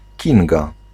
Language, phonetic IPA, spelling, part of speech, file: Polish, [ˈcĩŋɡa], Kinga, proper noun, Pl-Kinga.ogg